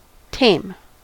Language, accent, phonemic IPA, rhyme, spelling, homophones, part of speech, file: English, US, /teɪm/, -eɪm, tame, Thame, adjective / verb, En-us-tame.ogg
- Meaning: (adjective) 1. Under human control 2. Docile or tranquil towards humans 3. Of a person, well-behaved; not radical or extreme 4. Of a non-Westernised person, accustomed to European society